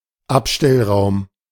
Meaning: storeroom, storage room
- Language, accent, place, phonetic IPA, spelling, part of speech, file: German, Germany, Berlin, [ˈapʃtɛlˌʁaʊ̯m], Abstellraum, noun, De-Abstellraum.ogg